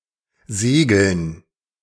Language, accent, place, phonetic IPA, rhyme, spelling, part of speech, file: German, Germany, Berlin, [ˈzeːɡl̩n], -eːɡl̩n, Segeln, noun, De-Segeln.ogg
- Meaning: dative plural of Segel